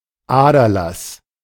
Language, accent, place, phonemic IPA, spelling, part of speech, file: German, Germany, Berlin, /ˈaːdɐlas/, Aderlass, noun, De-Aderlass.ogg
- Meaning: 1. bloodletting (archaic treatment by removing blood) 2. bloodletting, drain (diminishment of a resource)